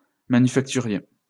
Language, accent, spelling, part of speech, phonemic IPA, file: French, France, manufacturier, adjective, /ma.ny.fak.ty.ʁje/, LL-Q150 (fra)-manufacturier.wav
- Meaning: manufacturing